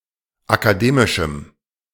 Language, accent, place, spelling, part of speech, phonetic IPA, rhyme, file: German, Germany, Berlin, akademischem, adjective, [akaˈdeːmɪʃm̩], -eːmɪʃm̩, De-akademischem.ogg
- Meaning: strong dative masculine/neuter singular of akademisch